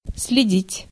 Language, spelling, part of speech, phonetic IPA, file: Russian, следить, verb, [s⁽ʲ⁾lʲɪˈdʲitʲ], Ru-следить.ogg
- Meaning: 1. to watch, to follow, to spy 2. to look after (e.g. health) 3. to keep an eye on 4. to leave traces or footprints behind